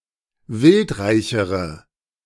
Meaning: inflection of wildreich: 1. strong/mixed nominative/accusative feminine singular comparative degree 2. strong nominative/accusative plural comparative degree
- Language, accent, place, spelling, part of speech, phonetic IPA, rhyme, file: German, Germany, Berlin, wildreichere, adjective, [ˈvɪltˌʁaɪ̯çəʁə], -ɪltʁaɪ̯çəʁə, De-wildreichere.ogg